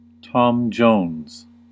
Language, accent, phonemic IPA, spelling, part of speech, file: English, US, /ˌtɑm ˈdʒoʊnz/, Tom Jones, noun, En-us-Tom Jones.ogg
- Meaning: A desirable man of loose morals, prone to having sex with many women